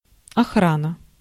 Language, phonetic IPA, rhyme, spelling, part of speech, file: Russian, [ɐˈxranə], -anə, охрана, noun, Ru-охрана.ogg
- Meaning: 1. guarding, protection 2. guards 3. security